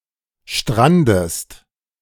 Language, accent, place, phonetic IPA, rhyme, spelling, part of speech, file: German, Germany, Berlin, [ˈʃtʁandəst], -andəst, strandest, verb, De-strandest.ogg
- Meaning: inflection of stranden: 1. second-person singular present 2. second-person singular subjunctive I